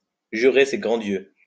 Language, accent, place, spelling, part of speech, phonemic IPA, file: French, France, Lyon, jurer ses grands dieux, verb, /ʒy.ʁe se ɡʁɑ̃ djø/, LL-Q150 (fra)-jurer ses grands dieux.wav
- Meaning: to swear to God that, to swear on one's life that, to swear on a stack of Bibles that, to vow to (to make a promise or give an assurance with great conviction)